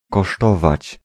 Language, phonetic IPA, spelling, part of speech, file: Polish, [kɔˈʃtɔvat͡ɕ], kosztować, verb, Pl-kosztować.ogg